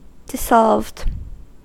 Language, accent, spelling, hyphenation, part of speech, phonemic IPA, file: English, US, dissolved, dis‧solved, adjective / verb, /dɪˈzɑlvd/, En-us-dissolved.ogg
- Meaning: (adjective) that has been disintegrated in a solvent; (verb) simple past and past participle of dissolve